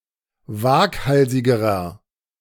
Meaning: inflection of waghalsig: 1. strong/mixed nominative masculine singular comparative degree 2. strong genitive/dative feminine singular comparative degree 3. strong genitive plural comparative degree
- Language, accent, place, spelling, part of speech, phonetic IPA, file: German, Germany, Berlin, waghalsigerer, adjective, [ˈvaːkˌhalzɪɡəʁɐ], De-waghalsigerer.ogg